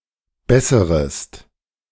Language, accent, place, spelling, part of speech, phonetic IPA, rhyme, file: German, Germany, Berlin, besserest, verb, [ˈbɛsəʁəst], -ɛsəʁəst, De-besserest.ogg
- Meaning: second-person singular subjunctive I of bessern